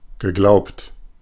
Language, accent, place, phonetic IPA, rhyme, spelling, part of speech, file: German, Germany, Berlin, [ɡəˈɡlaʊ̯pt], -aʊ̯pt, geglaubt, verb, De-geglaubt.ogg
- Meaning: past participle of glauben